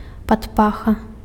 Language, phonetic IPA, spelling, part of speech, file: Belarusian, [patˈpaxa], падпаха, noun, Be-падпаха.ogg
- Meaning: armpit